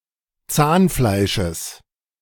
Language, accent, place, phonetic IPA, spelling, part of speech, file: German, Germany, Berlin, [ˈt͡saːnˌflaɪ̯ʃəs], Zahnfleisches, noun, De-Zahnfleisches.ogg
- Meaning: genitive of Zahnfleisch